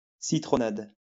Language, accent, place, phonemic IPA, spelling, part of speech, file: French, France, Lyon, /si.tʁɔ.nad/, citronnade, noun, LL-Q150 (fra)-citronnade.wav
- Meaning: lemonade